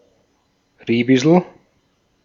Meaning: currant (Ribes gen. et spp., chiefly the fruits)
- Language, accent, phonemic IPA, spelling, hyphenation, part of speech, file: German, Austria, /ˈʁiːb̥ɪsl̩/, Ribisel, Ri‧bi‧sel, noun, De-at-Ribisel.ogg